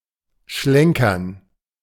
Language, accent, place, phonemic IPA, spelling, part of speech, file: German, Germany, Berlin, /ˈʃlɛŋkɐn/, schlenkern, verb, De-schlenkern.ogg
- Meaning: 1. to dangle, sway 2. to wander, stroll